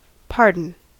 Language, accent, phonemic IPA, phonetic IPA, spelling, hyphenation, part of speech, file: English, General American, /ˈpɑɹdn̩/, [ˈpʰɑ˞dn̩], pardon, par‧don, noun / verb / interjection, En-us-pardon.ogg
- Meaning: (noun) Forgiveness for an offence